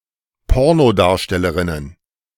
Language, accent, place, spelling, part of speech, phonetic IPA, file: German, Germany, Berlin, Pornodarstellerinnen, noun, [ˈpɔʁnoˌdaːɐ̯ʃtɛləʁɪnən], De-Pornodarstellerinnen.ogg
- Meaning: plural of Pornodarstellerin